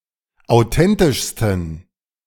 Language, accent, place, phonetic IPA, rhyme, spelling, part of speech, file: German, Germany, Berlin, [aʊ̯ˈtɛntɪʃstn̩], -ɛntɪʃstn̩, authentischsten, adjective, De-authentischsten.ogg
- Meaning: 1. superlative degree of authentisch 2. inflection of authentisch: strong genitive masculine/neuter singular superlative degree